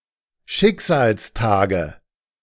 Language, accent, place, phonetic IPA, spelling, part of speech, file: German, Germany, Berlin, [ˈʃɪkzaːlsˌtaːɡə], Schicksalstage, noun, De-Schicksalstage.ogg
- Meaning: nominative/accusative/genitive plural of Schicksalstag